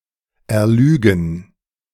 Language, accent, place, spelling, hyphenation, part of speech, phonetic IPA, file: German, Germany, Berlin, erlügen, er‧lü‧gen, verb, [ɛɐ̯ˈlyːɡn̩], De-erlügen.ogg
- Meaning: to fabricate (e.g. an untrue story)